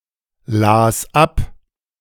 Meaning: first/third-person singular preterite of ablesen
- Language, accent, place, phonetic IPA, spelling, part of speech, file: German, Germany, Berlin, [ˌlaːs ˈap], las ab, verb, De-las ab.ogg